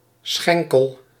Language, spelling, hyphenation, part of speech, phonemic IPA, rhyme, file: Dutch, schenkel, schen‧kel, noun, /ˈsxɛŋ.kəl/, -ɛŋkəl, Nl-schenkel.ogg
- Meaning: shank